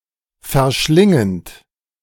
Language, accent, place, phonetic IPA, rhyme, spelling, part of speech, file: German, Germany, Berlin, [fɛɐ̯ˈʃlɪŋənt], -ɪŋənt, verschlingend, verb, De-verschlingend.ogg
- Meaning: present participle of verschlingen